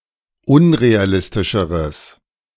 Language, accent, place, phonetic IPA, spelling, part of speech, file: German, Germany, Berlin, [ˈʊnʁeaˌlɪstɪʃəʁəs], unrealistischeres, adjective, De-unrealistischeres.ogg
- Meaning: strong/mixed nominative/accusative neuter singular comparative degree of unrealistisch